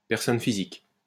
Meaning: natural person
- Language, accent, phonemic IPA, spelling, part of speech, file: French, France, /pɛʁ.sɔn fi.zik/, personne physique, noun, LL-Q150 (fra)-personne physique.wav